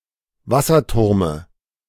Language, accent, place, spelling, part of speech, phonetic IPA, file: German, Germany, Berlin, Wasserturme, noun, [ˈvasɐˌtʊʁmə], De-Wasserturme.ogg
- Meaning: dative of Wasserturm